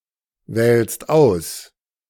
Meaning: second-person singular present of auswählen
- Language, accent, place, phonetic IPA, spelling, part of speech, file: German, Germany, Berlin, [ˌvɛːlst ˈaʊ̯s], wählst aus, verb, De-wählst aus.ogg